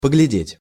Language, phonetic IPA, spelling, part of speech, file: Russian, [pəɡlʲɪˈdʲetʲ], поглядеть, verb, Ru-поглядеть.ogg
- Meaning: 1. to look, to glance 2. to look after, to take care of